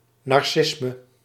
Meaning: narcissism
- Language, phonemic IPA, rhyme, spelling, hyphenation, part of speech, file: Dutch, /ˌnɑrˈsɪs.mə/, -ɪsmə, narcisme, nar‧cis‧me, noun, Nl-narcisme.ogg